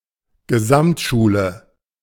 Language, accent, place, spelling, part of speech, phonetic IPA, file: German, Germany, Berlin, Gesamtschule, noun, [ɡəˈzamtˌʃuːlə], De-Gesamtschule.ogg
- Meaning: comprehensive school